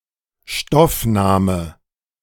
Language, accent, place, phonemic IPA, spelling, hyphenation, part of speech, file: German, Germany, Berlin, /ˈʃtɔfˌnaːmə/, Stoffname, Stoff‧na‧me, noun, De-Stoffname.ogg
- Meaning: mass noun